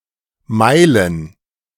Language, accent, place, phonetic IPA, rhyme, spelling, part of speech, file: German, Germany, Berlin, [ˈmaɪ̯lən], -aɪ̯lən, Meilen, noun, De-Meilen.ogg
- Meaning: plural of Meile